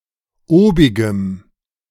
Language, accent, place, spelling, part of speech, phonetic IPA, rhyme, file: German, Germany, Berlin, obigem, adjective, [ˈoːbɪɡəm], -oːbɪɡəm, De-obigem.ogg
- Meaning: strong dative masculine/neuter singular of obig